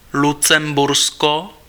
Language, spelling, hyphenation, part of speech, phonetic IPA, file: Czech, Lucembursko, Lu‧cem‧bur‧sko, proper noun, [ˈlut͡sɛmbursko], Cs-Lucembursko.ogg
- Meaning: Luxembourg (a small country in Western Europe; official name: Velkovévodství lucemburské)